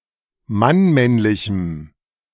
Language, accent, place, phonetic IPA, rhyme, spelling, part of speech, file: German, Germany, Berlin, [manˈmɛnlɪçm̩], -ɛnlɪçm̩, mannmännlichem, adjective, De-mannmännlichem.ogg
- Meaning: strong dative masculine/neuter singular of mannmännlich